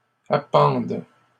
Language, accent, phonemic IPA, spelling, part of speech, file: French, Canada, /a.pɑ̃d/, appendes, verb, LL-Q150 (fra)-appendes.wav
- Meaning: second-person singular present subjunctive of appendre